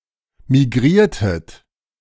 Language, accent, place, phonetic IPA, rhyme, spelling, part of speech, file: German, Germany, Berlin, [miˈɡʁiːɐ̯tət], -iːɐ̯tət, migriertet, verb, De-migriertet.ogg
- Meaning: inflection of migrieren: 1. second-person plural preterite 2. second-person plural subjunctive II